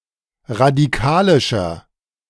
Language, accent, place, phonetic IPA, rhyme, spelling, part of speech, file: German, Germany, Berlin, [ʁadiˈkaːlɪʃɐ], -aːlɪʃɐ, radikalischer, adjective, De-radikalischer.ogg
- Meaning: inflection of radikalisch: 1. strong/mixed nominative masculine singular 2. strong genitive/dative feminine singular 3. strong genitive plural